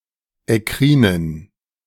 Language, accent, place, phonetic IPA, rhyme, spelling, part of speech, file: German, Germany, Berlin, [ɛˈkʁiːnən], -iːnən, ekkrinen, adjective, De-ekkrinen.ogg
- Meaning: inflection of ekkrin: 1. strong genitive masculine/neuter singular 2. weak/mixed genitive/dative all-gender singular 3. strong/weak/mixed accusative masculine singular 4. strong dative plural